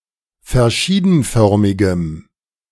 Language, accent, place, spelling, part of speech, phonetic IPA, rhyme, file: German, Germany, Berlin, verschiedenförmigem, adjective, [fɛɐ̯ˈʃiːdn̩ˌfœʁmɪɡəm], -iːdn̩fœʁmɪɡəm, De-verschiedenförmigem.ogg
- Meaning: strong dative masculine/neuter singular of verschiedenförmig